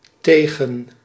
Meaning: 1. against 2. to, towards 3. to, versus (in scores/results)
- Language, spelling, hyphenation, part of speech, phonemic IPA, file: Dutch, tegen, te‧gen, preposition, /ˈteː.ɣə(n)/, Nl-tegen.ogg